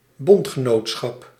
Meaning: alliance
- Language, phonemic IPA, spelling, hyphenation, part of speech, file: Dutch, /ˈbɔnt.xəˌnoːt.sxɑp/, bondgenootschap, bond‧ge‧noot‧schap, noun, Nl-bondgenootschap.ogg